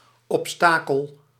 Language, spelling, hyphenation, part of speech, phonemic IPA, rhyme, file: Dutch, obstakel, ob‧sta‧kel, noun, /ˌɔpˈstaː.kəl/, -aːkəl, Nl-obstakel.ogg
- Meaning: obstacle